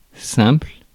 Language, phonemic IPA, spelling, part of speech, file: French, /sɛ̃pl/, simple, adjective / noun, Fr-simple.ogg
- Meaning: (adjective) 1. single 2. simple, straightforward, easy 3. simple, plain, unsophisticated 4. synthetic; non analytic 5. simple, uncompounded 6. one-way 7. mere